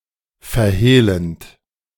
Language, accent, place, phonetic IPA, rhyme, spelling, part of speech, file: German, Germany, Berlin, [fɛɐ̯ˈheːlənt], -eːlənt, verhehlend, verb, De-verhehlend.ogg
- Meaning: present participle of verhehlen